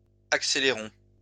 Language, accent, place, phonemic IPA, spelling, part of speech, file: French, France, Lyon, /ak.se.le.ʁɔ̃/, accélérons, verb, LL-Q150 (fra)-accélérons.wav
- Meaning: inflection of accélérer: 1. first-person plural indicative present 2. first-person plural imperative